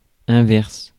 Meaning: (adjective) inverse, the other way round; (noun) the inverse, the contrary; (verb) inflection of inverser: first/third-person singular present indicative/subjunctive
- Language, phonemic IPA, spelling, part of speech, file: French, /ɛ̃.vɛʁs/, inverse, adjective / noun / verb, Fr-inverse.ogg